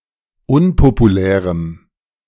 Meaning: strong dative masculine/neuter singular of unpopulär
- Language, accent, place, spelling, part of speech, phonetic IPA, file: German, Germany, Berlin, unpopulärem, adjective, [ˈʊnpopuˌlɛːʁəm], De-unpopulärem.ogg